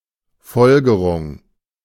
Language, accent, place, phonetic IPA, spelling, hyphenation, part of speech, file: German, Germany, Berlin, [ˈfɔlɡəʀʊŋ], Folgerung, Fol‧ge‧rung, noun, De-Folgerung.ogg
- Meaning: 1. deduction 2. conclusion